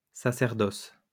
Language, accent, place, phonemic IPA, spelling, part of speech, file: French, France, Lyon, /sa.sɛʁ.dɔs/, sacerdoce, noun, LL-Q150 (fra)-sacerdoce.wav
- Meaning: 1. priesthood 2. mission, great purpose, calling, vocation